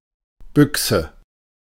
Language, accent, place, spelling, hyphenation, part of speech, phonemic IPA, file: German, Germany, Berlin, Büchse, Büch‧se, noun, /ˈbʏk.sə/, De-Büchse.ogg
- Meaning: 1. box, can 2. rifle 3. bushing